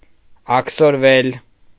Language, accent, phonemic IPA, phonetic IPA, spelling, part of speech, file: Armenian, Eastern Armenian, /ɑkʰsoɾˈvel/, [ɑkʰsoɾvél], աքսորվել, verb, Hy-աքսորվել.ogg
- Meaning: mediopassive of աքսորել (akʻsorel)